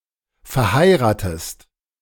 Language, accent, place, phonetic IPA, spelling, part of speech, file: German, Germany, Berlin, [fɛɐ̯ˈhaɪ̯ʁaːtəst], verheiratest, verb, De-verheiratest.ogg
- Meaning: inflection of verheiraten: 1. second-person singular present 2. second-person singular subjunctive I